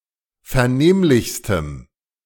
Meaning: strong dative masculine/neuter singular superlative degree of vernehmlich
- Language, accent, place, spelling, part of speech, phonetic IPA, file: German, Germany, Berlin, vernehmlichstem, adjective, [fɛɐ̯ˈneːmlɪçstəm], De-vernehmlichstem.ogg